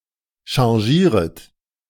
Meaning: second-person plural subjunctive I of changieren
- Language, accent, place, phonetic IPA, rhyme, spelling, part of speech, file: German, Germany, Berlin, [ʃɑ̃ˈʒiːʁət], -iːʁət, changieret, verb, De-changieret.ogg